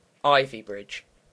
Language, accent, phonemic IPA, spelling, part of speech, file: English, UK, /ˈaɪvibɹɪd͡ʒ/, Ivybridge, proper noun, En-uk-Ivybridge.ogg
- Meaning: A town and civil parish with a town council in South Hams district, Devon, England (OS grid ref SX6356)